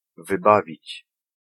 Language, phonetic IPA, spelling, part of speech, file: Polish, [vɨˈbavʲit͡ɕ], wybawić, verb, Pl-wybawić.ogg